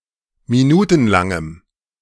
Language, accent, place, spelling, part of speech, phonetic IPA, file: German, Germany, Berlin, minutenlangem, adjective, [miˈnuːtn̩ˌlaŋəm], De-minutenlangem.ogg
- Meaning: strong dative masculine/neuter singular of minutenlang